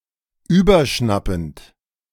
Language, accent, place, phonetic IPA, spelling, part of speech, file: German, Germany, Berlin, [ˈyːbɐˌʃnapn̩t], überschnappend, verb, De-überschnappend.ogg
- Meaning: present participle of überschnappen